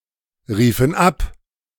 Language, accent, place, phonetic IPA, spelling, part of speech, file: German, Germany, Berlin, [ˌʁiːfn̩ ˈap], riefen ab, verb, De-riefen ab.ogg
- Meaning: first/third-person plural preterite of abrufen